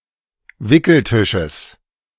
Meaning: genitive singular of Wickeltisch
- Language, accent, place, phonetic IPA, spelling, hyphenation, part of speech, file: German, Germany, Berlin, [ˈvɪkl̩ˌtɪʃəs], Wickeltisches, Wi‧ckel‧ti‧sches, noun, De-Wickeltisches.ogg